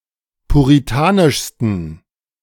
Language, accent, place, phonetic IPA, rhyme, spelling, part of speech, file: German, Germany, Berlin, [puʁiˈtaːnɪʃstn̩], -aːnɪʃstn̩, puritanischsten, adjective, De-puritanischsten.ogg
- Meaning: 1. superlative degree of puritanisch 2. inflection of puritanisch: strong genitive masculine/neuter singular superlative degree